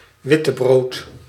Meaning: white bread
- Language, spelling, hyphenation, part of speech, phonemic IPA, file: Dutch, wittebrood, wit‧te‧brood, noun, /ˈʋɪ.təˌbroːt/, Nl-wittebrood.ogg